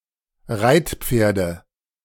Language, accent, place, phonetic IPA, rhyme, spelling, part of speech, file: German, Germany, Berlin, [ˈʁaɪ̯tˌp͡feːɐ̯də], -aɪ̯tp͡feːɐ̯də, Reitpferde, noun, De-Reitpferde.ogg
- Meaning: nominative/accusative/genitive plural of Reitpferd